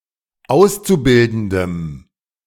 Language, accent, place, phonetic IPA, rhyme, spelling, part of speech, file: German, Germany, Berlin, [ˈaʊ̯st͡suˌbɪldn̩dəm], -aʊ̯st͡subɪldn̩dəm, Auszubildendem, noun, De-Auszubildendem.ogg
- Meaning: dative singular of Auszubildender